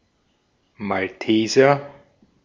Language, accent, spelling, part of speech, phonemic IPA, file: German, Austria, Malteser, noun, /malˈteːzɐ/, De-at-Malteser.ogg
- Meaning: 1. Maltese (male or female inhabitant of Malta) 2. member of the Order [of the Knights] of Malta 3. Maltese (a small breed of dog)